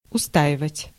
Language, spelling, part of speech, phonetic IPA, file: Russian, устаивать, verb, [ʊˈstaɪvətʲ], Ru-устаивать.ogg
- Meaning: to resist, to withstand, to stand up (against)